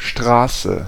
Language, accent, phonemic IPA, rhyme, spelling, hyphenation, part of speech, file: German, Germany, /ˈʃtʁaːsə/, -aːsə, Straße, Stra‧ße, noun, De-Straße.ogg
- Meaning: street; road (a way wide enough to be passable for vehicles, generally paved, in or outside a settlement)